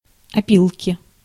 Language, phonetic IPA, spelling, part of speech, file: Russian, [ɐˈpʲiɫkʲɪ], опилки, noun, Ru-опилки.ogg
- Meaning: 1. sawdust, filings 2. inflection of опи́лка (opílka): genitive singular 3. inflection of опи́лка (opílka): nominative/accusative plural